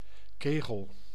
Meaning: 1. cone 2. bowling pin 3. cone cell (in the retina)
- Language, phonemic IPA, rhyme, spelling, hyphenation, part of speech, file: Dutch, /ˈkeː.ɣəl/, -eːɣəl, kegel, ke‧gel, noun, Nl-kegel.ogg